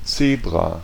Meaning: zebra
- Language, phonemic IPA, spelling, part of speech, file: German, /ˈtseːbʁa/, Zebra, noun, De-Zebra.ogg